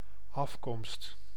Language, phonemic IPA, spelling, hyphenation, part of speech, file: Dutch, /ˈɑf.kɔmst/, afkomst, af‧komst, noun, Nl-afkomst.ogg
- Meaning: origin, birth, descent